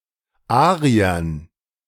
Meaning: dative plural of Arier
- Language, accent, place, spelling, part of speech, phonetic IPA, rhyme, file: German, Germany, Berlin, Ariern, noun, [ˈaːʁiɐn], -aːʁiɐn, De-Ariern.ogg